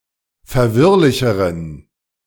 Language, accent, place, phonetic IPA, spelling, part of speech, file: German, Germany, Berlin, [fɛɐ̯ˈvɪʁlɪçəʁən], verwirrlicheren, adjective, De-verwirrlicheren.ogg
- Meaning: inflection of verwirrlich: 1. strong genitive masculine/neuter singular comparative degree 2. weak/mixed genitive/dative all-gender singular comparative degree